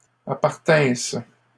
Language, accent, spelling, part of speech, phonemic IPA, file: French, Canada, appartinsse, verb, /a.paʁ.tɛ̃s/, LL-Q150 (fra)-appartinsse.wav
- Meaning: first-person singular imperfect subjunctive of appartenir